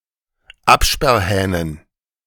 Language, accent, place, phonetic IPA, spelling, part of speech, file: German, Germany, Berlin, [ˈapʃpɛʁˌhɛːnən], Absperrhähnen, noun, De-Absperrhähnen.ogg
- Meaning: dative plural of Absperrhahn